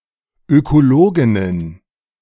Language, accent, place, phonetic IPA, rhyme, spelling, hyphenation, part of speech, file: German, Germany, Berlin, [ˌøkoˈloːɡɪnən], -oːɡɪnən, Ökologinnen, Öko‧lo‧gin‧nen, noun, De-Ökologinnen.ogg
- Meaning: plural of Ökologin